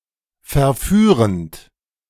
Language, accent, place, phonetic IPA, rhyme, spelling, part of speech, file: German, Germany, Berlin, [fɛɐ̯ˈfyːʁənt], -yːʁənt, verführend, verb, De-verführend.ogg
- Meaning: present participle of verführen